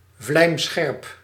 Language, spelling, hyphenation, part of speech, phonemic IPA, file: Dutch, vlijmscherp, vlijm‧scherp, adjective, /vlɛi̯mˈsxɛrp/, Nl-vlijmscherp.ogg
- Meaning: 1. razor-sharp, said of blades and other sharpened objects 2. painfully sharp or acute, notably said of sensorial functions